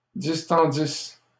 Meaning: second-person singular imperfect subjunctive of distendre
- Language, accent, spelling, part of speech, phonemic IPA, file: French, Canada, distendisses, verb, /dis.tɑ̃.dis/, LL-Q150 (fra)-distendisses.wav